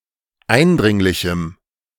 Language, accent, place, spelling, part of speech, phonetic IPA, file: German, Germany, Berlin, eindringlichem, adjective, [ˈaɪ̯nˌdʁɪŋlɪçm̩], De-eindringlichem.ogg
- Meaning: strong dative masculine/neuter singular of eindringlich